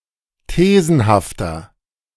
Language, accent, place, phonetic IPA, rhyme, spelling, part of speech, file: German, Germany, Berlin, [ˈteːzn̩haftɐ], -eːzn̩haftɐ, thesenhafter, adjective, De-thesenhafter.ogg
- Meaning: inflection of thesenhaft: 1. strong/mixed nominative masculine singular 2. strong genitive/dative feminine singular 3. strong genitive plural